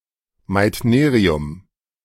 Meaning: meitnerium
- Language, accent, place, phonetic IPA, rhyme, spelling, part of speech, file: German, Germany, Berlin, [maɪ̯tˈneːʁiʊm], -eːʁiʊm, Meitnerium, noun, De-Meitnerium.ogg